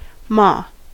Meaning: 1. mother, mama 2. The landlady of a theater
- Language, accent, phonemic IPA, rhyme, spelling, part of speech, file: English, US, /mɑː/, -ɑː, ma, noun, En-us-ma.ogg